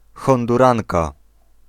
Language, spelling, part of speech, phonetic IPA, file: Polish, Honduranka, noun, [ˌxɔ̃nduˈrãŋka], Pl-Honduranka.ogg